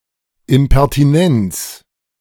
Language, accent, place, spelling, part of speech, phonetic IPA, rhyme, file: German, Germany, Berlin, Impertinenz, noun, [ɪmpɛʁtiˈnɛnt͡s], -ɛnt͡s, De-Impertinenz.ogg
- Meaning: infamy, intrusiveness